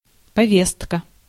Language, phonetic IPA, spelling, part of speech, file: Russian, [pɐˈvʲestkə], повестка, noun, Ru-повестка.ogg
- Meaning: 1. notice (formal written notification), invitation (written call for a meeting) 2. subpoena, summons, writ 3. call-up papers, draft papers (an order to report for military service) 4. agenda